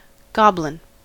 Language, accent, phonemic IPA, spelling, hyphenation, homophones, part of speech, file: English, US, /ˈɡɑb.lɪn/, goblin, gob‧lin, GOBLin, noun, En-us-goblin.ogg
- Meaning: Traditionally, a supernatural being of folklore, typically small and grotesque or misshapen, that commonly haunts dark places, often mischievous or malevolent; a type of evil elf, sprite, or demon